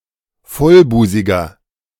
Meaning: 1. comparative degree of vollbusig 2. inflection of vollbusig: strong/mixed nominative masculine singular 3. inflection of vollbusig: strong genitive/dative feminine singular
- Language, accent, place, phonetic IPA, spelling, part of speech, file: German, Germany, Berlin, [ˈfɔlˌbuːzɪɡɐ], vollbusiger, adjective, De-vollbusiger.ogg